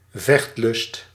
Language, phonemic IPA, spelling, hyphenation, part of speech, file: Dutch, /ˈvɛxt.lʏst/, vechtlust, vecht‧lust, noun, Nl-vechtlust.ogg
- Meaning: eagerness to fight, truculence